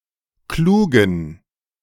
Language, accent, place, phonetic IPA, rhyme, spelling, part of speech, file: German, Germany, Berlin, [ˈkluːɡn̩], -uːɡn̩, klugen, adjective, De-klugen.ogg
- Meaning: inflection of klug: 1. strong genitive masculine/neuter singular 2. weak/mixed genitive/dative all-gender singular 3. strong/weak/mixed accusative masculine singular 4. strong dative plural